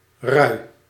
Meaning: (noun) 1. moat, canal (in a city) 2. creek, ditch 3. molt (of feathers, fur); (verb) inflection of ruien: 1. first-person singular present indicative 2. second-person singular present indicative
- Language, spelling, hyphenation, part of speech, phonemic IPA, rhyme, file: Dutch, rui, rui, noun / verb, /rœy̯/, -œy̯, Nl-rui.ogg